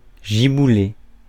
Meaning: downpour, cloudburst (sudden burst of rain)
- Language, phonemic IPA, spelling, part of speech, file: French, /ʒi.bu.le/, giboulée, noun, Fr-giboulée.ogg